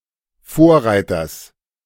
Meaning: genitive singular of Vorreiter
- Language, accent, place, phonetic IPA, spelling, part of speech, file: German, Germany, Berlin, [ˈfoːɐ̯ˌʁaɪ̯tɐs], Vorreiters, noun, De-Vorreiters.ogg